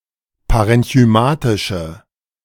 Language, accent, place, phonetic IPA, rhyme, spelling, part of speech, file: German, Germany, Berlin, [paʁɛnçyˈmaːtɪʃə], -aːtɪʃə, parenchymatische, adjective, De-parenchymatische.ogg
- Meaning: inflection of parenchymatisch: 1. strong/mixed nominative/accusative feminine singular 2. strong nominative/accusative plural 3. weak nominative all-gender singular